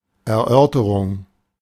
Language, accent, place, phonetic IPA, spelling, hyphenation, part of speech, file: German, Germany, Berlin, [ɛɐ̯ˈʔœʁtəʁʊŋ], Erörterung, Er‧ör‧te‧rung, noun, De-Erörterung.ogg
- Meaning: discussion, examination